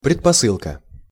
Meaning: 1. prerequisite, precondition (something that must be gained in order to gain something else) 2. supposition, presupposition, premise, background
- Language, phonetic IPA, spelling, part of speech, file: Russian, [prʲɪtpɐˈsɨɫkə], предпосылка, noun, Ru-предпосылка.ogg